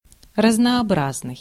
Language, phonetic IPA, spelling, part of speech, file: Russian, [rəznɐɐˈbraznɨj], разнообразный, adjective, Ru-разнообразный.ogg
- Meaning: diverse, manifold, various, varied